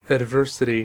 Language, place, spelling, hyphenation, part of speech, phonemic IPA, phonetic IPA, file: English, California, adversity, ad‧ver‧si‧ty, noun, /ædˈvɝ.sɪ.ti/, [ædˈvɝ.sɪ.ɾi], En-us-adversity.ogg
- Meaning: 1. The state of adverse conditions; state of misfortune or calamity 2. An event that is adverse; calamity